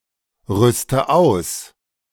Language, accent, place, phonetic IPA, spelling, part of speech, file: German, Germany, Berlin, [ˌʁʏstə ˈaʊ̯s], rüste aus, verb, De-rüste aus.ogg
- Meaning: inflection of ausrüsten: 1. first-person singular present 2. first/third-person singular subjunctive I 3. singular imperative